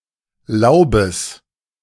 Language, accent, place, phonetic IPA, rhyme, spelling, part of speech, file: German, Germany, Berlin, [ˈlaʊ̯bəs], -aʊ̯bəs, Laubes, noun, De-Laubes.ogg
- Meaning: genitive singular of Laub